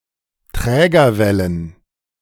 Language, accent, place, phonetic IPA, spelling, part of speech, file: German, Germany, Berlin, [ˈtʁɛːɡɐˌvɛlən], Trägerwellen, noun, De-Trägerwellen.ogg
- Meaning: plural of Trägerwelle